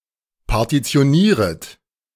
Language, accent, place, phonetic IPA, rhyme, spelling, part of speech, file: German, Germany, Berlin, [paʁtit͡si̯oˈniːʁət], -iːʁət, partitionieret, verb, De-partitionieret.ogg
- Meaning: second-person plural subjunctive I of partitionieren